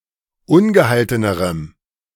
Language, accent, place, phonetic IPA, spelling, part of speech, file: German, Germany, Berlin, [ˈʊnɡəˌhaltənəʁəm], ungehaltenerem, adjective, De-ungehaltenerem.ogg
- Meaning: strong dative masculine/neuter singular comparative degree of ungehalten